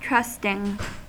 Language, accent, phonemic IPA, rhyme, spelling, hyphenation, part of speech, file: English, US, /ˈtɹʌstɪŋ/, -ʌstɪŋ, trusting, trust‧ing, verb / adjective, En-us-trusting.ogg
- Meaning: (verb) present participle and gerund of trust; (adjective) Inclined to believe the claims or statements of others; inclined to confide readily; trustful